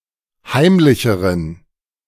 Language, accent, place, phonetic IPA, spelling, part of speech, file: German, Germany, Berlin, [ˈhaɪ̯mlɪçəʁən], heimlicheren, adjective, De-heimlicheren.ogg
- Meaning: inflection of heimlich: 1. strong genitive masculine/neuter singular comparative degree 2. weak/mixed genitive/dative all-gender singular comparative degree